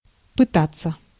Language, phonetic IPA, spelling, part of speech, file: Russian, [pɨˈtat͡sːə], пытаться, verb, Ru-пытаться.ogg
- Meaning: 1. to attempt, to try 2. to assay 3. to seek 4. to endeavour 5. passive of пыта́ть (pytátʹ)